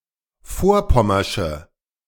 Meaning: inflection of vorpommersch: 1. strong/mixed nominative/accusative feminine singular 2. strong nominative/accusative plural 3. weak nominative all-gender singular
- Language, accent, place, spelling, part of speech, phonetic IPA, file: German, Germany, Berlin, vorpommersche, adjective, [ˈfoːɐ̯ˌpɔmɐʃə], De-vorpommersche.ogg